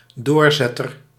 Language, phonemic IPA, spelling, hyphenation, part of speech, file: Dutch, /ˈdoːrˌzɛ.tər/, doorzetter, door‧zet‧ter, noun, Nl-doorzetter.ogg
- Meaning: a go-getter, one who persists or perseveres